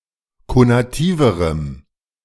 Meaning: strong dative masculine/neuter singular comparative degree of konativ
- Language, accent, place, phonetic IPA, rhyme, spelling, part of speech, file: German, Germany, Berlin, [konaˈtiːvəʁəm], -iːvəʁəm, konativerem, adjective, De-konativerem.ogg